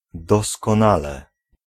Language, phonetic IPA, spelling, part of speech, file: Polish, [ˌdɔskɔ̃ˈnalɛ], doskonale, adverb / interjection, Pl-doskonale.ogg